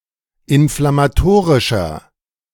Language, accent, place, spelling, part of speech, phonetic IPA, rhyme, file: German, Germany, Berlin, inflammatorischer, adjective, [ɪnflamaˈtoːʁɪʃɐ], -oːʁɪʃɐ, De-inflammatorischer.ogg
- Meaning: inflection of inflammatorisch: 1. strong/mixed nominative masculine singular 2. strong genitive/dative feminine singular 3. strong genitive plural